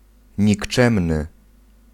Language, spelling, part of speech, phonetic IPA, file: Polish, nikczemny, adjective, [ɲikˈt͡ʃɛ̃mnɨ], Pl-nikczemny.ogg